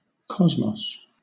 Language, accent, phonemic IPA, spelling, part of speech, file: English, Southern England, /ˈkɒzmɒs/, cosmos, noun, LL-Q1860 (eng)-cosmos.wav
- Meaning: 1. The universe regarded as a system with harmony and order 2. The universe regarded as a system with harmony and order.: A harmonious, ordered whole 3. Harmony, order